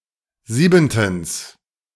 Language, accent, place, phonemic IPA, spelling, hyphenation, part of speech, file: German, Germany, Berlin, /ˈziːbn̩təns/, siebentens, sie‧ben‧tens, adverb, De-siebentens.ogg
- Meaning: seventhly